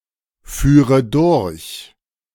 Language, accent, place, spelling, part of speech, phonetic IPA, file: German, Germany, Berlin, führe durch, verb, [ˌfyːʁə ˈdʊʁç], De-führe durch.ogg
- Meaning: first/third-person singular subjunctive II of durchfahren